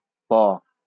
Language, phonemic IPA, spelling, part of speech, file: Bengali, /pɔ/, প, character, LL-Q9610 (ben)-প.wav
- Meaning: The 32nd character in the Bengali abugida